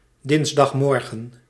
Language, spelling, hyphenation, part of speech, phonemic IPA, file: Dutch, dinsdagmorgen, dins‧dag‧mor‧gen, noun, /ˈdɪns.dɑxˌmɔr.ɣə(n)/, Nl-dinsdagmorgen.ogg
- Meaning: Tuesday morning